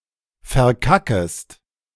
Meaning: second-person singular subjunctive I of verkacken
- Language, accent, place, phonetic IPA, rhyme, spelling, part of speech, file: German, Germany, Berlin, [fɛɐ̯ˈkakəst], -akəst, verkackest, verb, De-verkackest.ogg